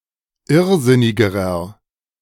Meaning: inflection of irrsinnig: 1. strong/mixed nominative masculine singular comparative degree 2. strong genitive/dative feminine singular comparative degree 3. strong genitive plural comparative degree
- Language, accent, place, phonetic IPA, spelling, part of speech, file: German, Germany, Berlin, [ˈɪʁˌzɪnɪɡəʁɐ], irrsinnigerer, adjective, De-irrsinnigerer.ogg